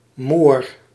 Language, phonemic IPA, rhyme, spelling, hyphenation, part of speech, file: Dutch, /moːr/, -oːr, moor, moor, noun, Nl-moor.ogg
- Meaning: 1. something black, notably a black horse 2. a whistling kettle, used to boil water in, as for tea or coffee